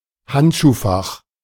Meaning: glove compartment, glove box
- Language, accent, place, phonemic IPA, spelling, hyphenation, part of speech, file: German, Germany, Berlin, /ˈhantʃuːˌfax/, Handschuhfach, Hand‧schuh‧fach, noun, De-Handschuhfach.ogg